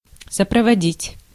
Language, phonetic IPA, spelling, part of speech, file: Russian, [səprəvɐˈdʲitʲ], сопроводить, verb, Ru-сопроводить.ogg
- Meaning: 1. to accompany 2. to attend, to escort, to convoy